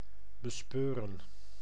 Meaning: to sense, to perceive
- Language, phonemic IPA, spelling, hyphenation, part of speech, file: Dutch, /bəˈspøːrə(n)/, bespeuren, be‧speu‧ren, verb, Nl-bespeuren.ogg